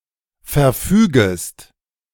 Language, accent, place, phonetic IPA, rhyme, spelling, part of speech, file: German, Germany, Berlin, [fɛɐ̯ˈfyːɡəst], -yːɡəst, verfügest, verb, De-verfügest.ogg
- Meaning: second-person singular subjunctive I of verfügen